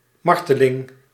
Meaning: torture (intentional causing of somebody's experiencing agony)
- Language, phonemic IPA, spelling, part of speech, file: Dutch, /ˈmɑr.tə.lɪŋ/, marteling, noun, Nl-marteling.ogg